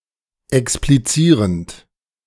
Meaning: present participle of explizieren
- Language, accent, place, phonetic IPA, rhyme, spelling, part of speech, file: German, Germany, Berlin, [ɛkspliˈt͡siːʁənt], -iːʁənt, explizierend, verb, De-explizierend.ogg